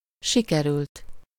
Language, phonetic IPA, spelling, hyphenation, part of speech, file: Hungarian, [ˈʃikɛrylt], sikerült, si‧ke‧rült, verb, Hu-sikerült.ogg
- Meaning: 1. third-person singular indicative past indefinite of sikerül 2. past participle of sikerül